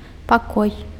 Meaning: 1. room (separate part of a building, enclosed by walls, a floor, and a ceiling) 2. chamber (private room of an individual, especially of someone wealthy or noble)
- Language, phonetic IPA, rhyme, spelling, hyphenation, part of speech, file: Belarusian, [paˈkoj], -oj, пакой, па‧кой, noun, Be-пакой.ogg